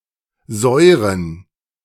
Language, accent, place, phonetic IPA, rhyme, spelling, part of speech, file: German, Germany, Berlin, [ˈzɔɪ̯ʁən], -ɔɪ̯ʁən, Säuren, noun, De-Säuren.ogg
- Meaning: plural of Säure